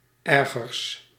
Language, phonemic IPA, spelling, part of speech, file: Dutch, /ˈɛrɣərs/, ergers, adjective, Nl-ergers.ogg
- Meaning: partitive of erger, the comparative degree of erg